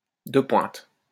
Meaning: cutting-edge, state-of-the-art
- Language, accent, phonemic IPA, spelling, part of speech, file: French, France, /də pwɛ̃t/, de pointe, adjective, LL-Q150 (fra)-de pointe.wav